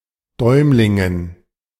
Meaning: dative plural of Däumling
- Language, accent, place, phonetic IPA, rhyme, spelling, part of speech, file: German, Germany, Berlin, [ˈdɔɪ̯mlɪŋən], -ɔɪ̯mlɪŋən, Däumlingen, noun, De-Däumlingen.ogg